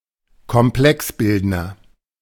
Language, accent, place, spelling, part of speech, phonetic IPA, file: German, Germany, Berlin, Komplexbildner, noun, [kɔmˈplɛksˌbɪldnɐ], De-Komplexbildner.ogg
- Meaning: chelating agent